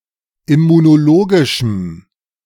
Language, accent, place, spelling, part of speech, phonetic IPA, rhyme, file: German, Germany, Berlin, immunologischem, adjective, [ɪmunoˈloːɡɪʃm̩], -oːɡɪʃm̩, De-immunologischem.ogg
- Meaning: strong dative masculine/neuter singular of immunologisch